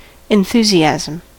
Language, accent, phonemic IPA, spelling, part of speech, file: English, General American, /ɪnˈθuziæzəm/, enthusiasm, noun, En-us-enthusiasm.ogg
- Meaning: 1. An intensity of feeling; an excited interest or eagerness 2. Something in which one is keenly interested 3. Possession by a god; divine inspiration or frenzy